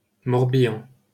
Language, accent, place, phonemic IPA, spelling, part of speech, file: French, France, Paris, /mɔʁ.bi.ɑ̃/, Morbihan, proper noun, LL-Q150 (fra)-Morbihan.wav
- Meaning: Morbihan (a department of Brittany, France)